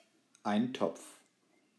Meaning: stew (a thick soup stewed in a pot, usually served as a main dish)
- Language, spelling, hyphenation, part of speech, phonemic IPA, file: German, Eintopf, Ein‧topf, noun, /ˈaɪntɔpf/, De-Eintopf.ogg